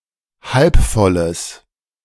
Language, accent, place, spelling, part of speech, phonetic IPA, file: German, Germany, Berlin, halbvolles, adjective, [ˈhalpˌfɔləs], De-halbvolles.ogg
- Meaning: strong/mixed nominative/accusative neuter singular of halbvoll